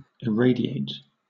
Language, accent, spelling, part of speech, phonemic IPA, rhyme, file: English, Southern England, irradiate, verb, /ɪˈɹeɪdɪeɪt/, -eɪdɪeɪt, LL-Q1860 (eng)-irradiate.wav
- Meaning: 1. To send out (heat, light, or some other form of radiation) in the form of rays; to radiate 2. To make (someone or something) bright by shining light on them or it; to brighten, to illuminate